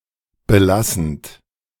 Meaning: present participle of belassen
- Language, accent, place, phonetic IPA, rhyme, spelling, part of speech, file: German, Germany, Berlin, [bəˈlasn̩t], -asn̩t, belassend, verb, De-belassend.ogg